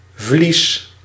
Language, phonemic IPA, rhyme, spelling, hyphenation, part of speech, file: Dutch, /vlis/, -is, vlies, vlies, noun, Nl-vlies.ogg
- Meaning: 1. membrane 2. film, thin layer 3. fleece, sheep skin, pelt 4. fleece, sheep skin, pelt: in compounds, short for (Order of) the Golden Fleece